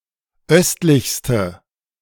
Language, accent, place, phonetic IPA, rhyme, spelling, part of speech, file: German, Germany, Berlin, [ˈœstlɪçstə], -œstlɪçstə, östlichste, adjective, De-östlichste.ogg
- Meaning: inflection of östlich: 1. strong/mixed nominative/accusative feminine singular superlative degree 2. strong nominative/accusative plural superlative degree